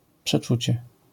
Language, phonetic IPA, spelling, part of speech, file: Polish, [pʃɛˈt͡ʃut͡ɕɛ], przeczucie, noun, LL-Q809 (pol)-przeczucie.wav